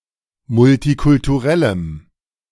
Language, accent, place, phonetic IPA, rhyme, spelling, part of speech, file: German, Germany, Berlin, [mʊltikʊltuˈʁɛləm], -ɛləm, multikulturellem, adjective, De-multikulturellem.ogg
- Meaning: strong dative masculine/neuter singular of multikulturell